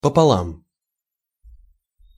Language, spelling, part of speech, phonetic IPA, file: Russian, пополам, adverb, [pəpɐˈɫam], Ru-пополам.ogg
- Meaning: 1. in two (equal parts) 2. it’s all the same; it doesn’t matter